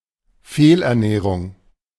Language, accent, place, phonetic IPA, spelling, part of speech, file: German, Germany, Berlin, [ˈfeːlʔɛɐ̯ˌnɛːʁʊŋ], Fehlernährung, noun, De-Fehlernährung.ogg
- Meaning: malnutrition, malnourishment